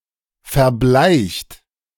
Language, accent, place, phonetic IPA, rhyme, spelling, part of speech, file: German, Germany, Berlin, [fɛɐ̯ˈblaɪ̯çt], -aɪ̯çt, verbleicht, verb, De-verbleicht.ogg
- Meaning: 1. past participle of verbleichen 2. inflection of verbleichen: third-person singular present 3. inflection of verbleichen: second-person plural present 4. inflection of verbleichen: plural imperative